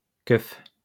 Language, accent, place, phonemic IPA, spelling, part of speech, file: French, France, Lyon, /kœf/, keuf, noun, LL-Q150 (fra)-keuf.wav
- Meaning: cop; pig; rozzer